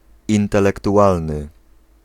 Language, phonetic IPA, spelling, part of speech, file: Polish, [ˌĩntɛlɛktuˈʷalnɨ], intelektualny, adjective, Pl-intelektualny.ogg